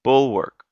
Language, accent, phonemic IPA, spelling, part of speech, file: English, US, /ˈbʊl.wɚk/, bulwark, noun / verb, En-us-bulwark.ogg
- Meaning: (noun) 1. A defensive wall or rampart 2. A defense or safeguard 3. A breakwater